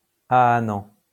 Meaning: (verb) present participle of ahaner; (adjective) panting
- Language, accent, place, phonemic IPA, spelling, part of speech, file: French, France, Lyon, /a.a.nɑ̃/, ahanant, verb / adjective, LL-Q150 (fra)-ahanant.wav